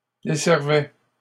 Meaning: third-person plural imperfect indicative of desservir
- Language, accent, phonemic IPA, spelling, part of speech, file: French, Canada, /de.sɛʁ.vɛ/, desservaient, verb, LL-Q150 (fra)-desservaient.wav